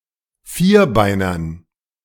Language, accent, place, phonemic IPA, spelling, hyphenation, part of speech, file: German, Germany, Berlin, /ˈfiːɐ̯ˌbaɪ̯nɐ/, Vierbeiner, Vier‧bei‧ner, noun, De-Vierbeiner.ogg
- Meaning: quadruped; four-legged animal, especially of dogs and cats